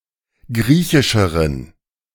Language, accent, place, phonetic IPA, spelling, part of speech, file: German, Germany, Berlin, [ˈɡʁiːçɪʃəʁən], griechischeren, adjective, De-griechischeren.ogg
- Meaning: inflection of griechisch: 1. strong genitive masculine/neuter singular comparative degree 2. weak/mixed genitive/dative all-gender singular comparative degree